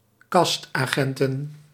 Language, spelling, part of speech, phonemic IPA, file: Dutch, castagnetten, noun, /ˌkɑstɑˈɲɛtə(n)/, Nl-castagnetten.ogg
- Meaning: plural of castagnet